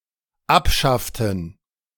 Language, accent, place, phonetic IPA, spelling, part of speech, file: German, Germany, Berlin, [ˈapˌʃaftn̩], abschafften, verb, De-abschafften.ogg
- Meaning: inflection of abschaffen: 1. first/third-person plural dependent preterite 2. first/third-person plural dependent subjunctive II